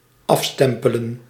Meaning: to stamp, to mark or check off by stamping (e.g. on a strippenkaart)
- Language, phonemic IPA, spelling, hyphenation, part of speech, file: Dutch, /ˈɑfstɛmpələ(n)/, afstempelen, af‧stem‧pe‧len, verb, Nl-afstempelen.ogg